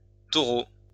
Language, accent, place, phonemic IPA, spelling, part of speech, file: French, France, Lyon, /tɔ.ʁo/, taureaux, noun, LL-Q150 (fra)-taureaux.wav
- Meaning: plural of taureau